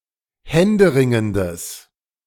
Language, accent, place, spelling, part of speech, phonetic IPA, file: German, Germany, Berlin, händeringendes, adjective, [ˈhɛndəˌʁɪŋəndəs], De-händeringendes.ogg
- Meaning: strong/mixed nominative/accusative neuter singular of händeringend